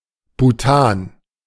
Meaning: Bhutan (a country in South Asia, in the Himalayas)
- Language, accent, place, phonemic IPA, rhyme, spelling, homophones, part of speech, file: German, Germany, Berlin, /ˈbuːtaːn/, -aːn, Bhutan, Butan, proper noun, De-Bhutan.ogg